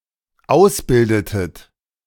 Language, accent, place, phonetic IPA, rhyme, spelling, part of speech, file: German, Germany, Berlin, [ˈaʊ̯sˌbɪldətət], -aʊ̯sbɪldətət, ausbildetet, verb, De-ausbildetet.ogg
- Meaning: inflection of ausbilden: 1. second-person plural dependent preterite 2. second-person plural dependent subjunctive II